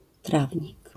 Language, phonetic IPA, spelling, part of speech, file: Polish, [ˈtravʲɲik], trawnik, noun, LL-Q809 (pol)-trawnik.wav